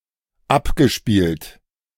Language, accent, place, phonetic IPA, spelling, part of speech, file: German, Germany, Berlin, [ˈapɡəˌʃpiːlt], abgespielt, verb, De-abgespielt.ogg
- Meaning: past participle of abspielen